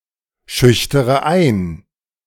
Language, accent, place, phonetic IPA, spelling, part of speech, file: German, Germany, Berlin, [ˌʃʏçtəʁə ˈaɪ̯n], schüchtere ein, verb, De-schüchtere ein.ogg
- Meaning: inflection of einschüchtern: 1. first-person singular present 2. first-person plural subjunctive I 3. third-person singular subjunctive I 4. singular imperative